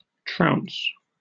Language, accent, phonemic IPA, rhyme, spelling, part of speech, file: English, UK, /tɹaʊns/, -aʊns, trounce, verb / noun, En-uk-trounce.oga
- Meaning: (verb) 1. To beat severely; to thrash 2. To beat or overcome thoroughly, to defeat heavily; especially (games, sports) to win against (someone) by a wide margin